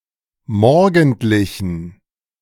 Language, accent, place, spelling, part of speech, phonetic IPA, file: German, Germany, Berlin, morgendlichen, adjective, [ˈmɔʁɡn̩tlɪçn̩], De-morgendlichen.ogg
- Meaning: inflection of morgendlich: 1. strong genitive masculine/neuter singular 2. weak/mixed genitive/dative all-gender singular 3. strong/weak/mixed accusative masculine singular 4. strong dative plural